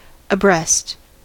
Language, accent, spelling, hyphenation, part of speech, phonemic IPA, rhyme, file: English, US, abreast, abreast, adverb / adjective / preposition, /əˈbɹɛst/, -ɛst, En-us-abreast.ogg
- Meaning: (adverb) 1. Side by side and facing forward 2. Alongside; parallel to 3. Informed, well-informed, familiar, acquainted 4. Followed by of or with: up to a certain level or line; equally advanced